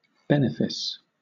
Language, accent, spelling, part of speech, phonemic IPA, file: English, Southern England, benefice, noun / verb, /ˈbɛnɪfɪs/, LL-Q1860 (eng)-benefice.wav
- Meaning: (noun) 1. Land granted to a priest in a church that has a source of income attached to it 2. A favour or benefit 3. An estate in lands; a fief; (verb) To bestow a benefice upon